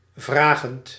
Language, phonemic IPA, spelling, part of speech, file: Dutch, /vraɣənt/, vragend, verb / adjective, Nl-vragend.ogg
- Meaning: present participle of vragen